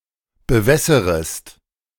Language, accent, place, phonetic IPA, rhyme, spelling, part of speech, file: German, Germany, Berlin, [bəˈvɛsəʁəst], -ɛsəʁəst, bewässerest, verb, De-bewässerest.ogg
- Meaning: second-person singular subjunctive I of bewässern